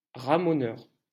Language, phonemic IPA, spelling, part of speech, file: French, /ʁa.mɔ.nœʁ/, ramoneur, noun, LL-Q150 (fra)-ramoneur.wav
- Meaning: chimney sweep